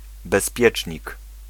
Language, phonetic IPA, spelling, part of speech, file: Polish, [bɛsˈpʲjɛt͡ʃʲɲik], bezpiecznik, noun, Pl-bezpiecznik.ogg